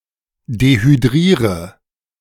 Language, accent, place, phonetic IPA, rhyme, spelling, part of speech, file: German, Germany, Berlin, [dehyˈdʁiːʁə], -iːʁə, dehydriere, verb, De-dehydriere.ogg
- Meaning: inflection of dehydrieren: 1. first-person singular present 2. first/third-person singular subjunctive I 3. singular imperative